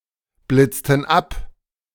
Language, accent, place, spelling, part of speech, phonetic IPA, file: German, Germany, Berlin, blitzten ab, verb, [ˌblɪt͡stn̩ ˈap], De-blitzten ab.ogg
- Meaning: inflection of abblitzen: 1. first/third-person plural preterite 2. first/third-person plural subjunctive II